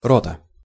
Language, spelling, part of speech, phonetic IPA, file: Russian, рота, noun, [ˈrotə], Ru-рота.ogg
- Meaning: company